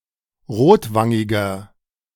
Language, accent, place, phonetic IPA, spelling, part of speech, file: German, Germany, Berlin, [ˈʁoːtˌvaŋɪɡɐ], rotwangiger, adjective, De-rotwangiger.ogg
- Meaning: 1. comparative degree of rotwangig 2. inflection of rotwangig: strong/mixed nominative masculine singular 3. inflection of rotwangig: strong genitive/dative feminine singular